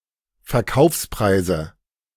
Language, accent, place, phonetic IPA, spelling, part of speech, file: German, Germany, Berlin, [fɛɐ̯ˈkaʊ̯fsˌpʁaɪ̯zə], Verkaufspreise, noun, De-Verkaufspreise.ogg
- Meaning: nominative/accusative/genitive plural of Verkaufspreis